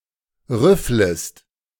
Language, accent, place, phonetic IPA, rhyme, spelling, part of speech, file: German, Germany, Berlin, [ˈʁʏfləst], -ʏfləst, rüfflest, verb, De-rüfflest.ogg
- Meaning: second-person singular subjunctive I of rüffeln